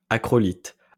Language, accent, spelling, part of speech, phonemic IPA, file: French, France, acrolithe, adjective, /a.kʁɔ.lit/, LL-Q150 (fra)-acrolithe.wav
- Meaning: acrolith, acrolithic